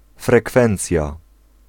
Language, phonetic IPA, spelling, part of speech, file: Polish, [frɛˈkfɛ̃nt͡sʲja], frekwencja, noun, Pl-frekwencja.ogg